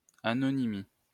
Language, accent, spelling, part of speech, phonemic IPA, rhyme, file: French, France, anonymie, noun, /a.nɔ.ni.mi/, -i, LL-Q150 (fra)-anonymie.wav
- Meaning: anonymity